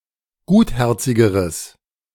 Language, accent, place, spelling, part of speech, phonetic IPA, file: German, Germany, Berlin, gutherzigeres, adjective, [ˈɡuːtˌhɛʁt͡sɪɡəʁəs], De-gutherzigeres.ogg
- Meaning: strong/mixed nominative/accusative neuter singular comparative degree of gutherzig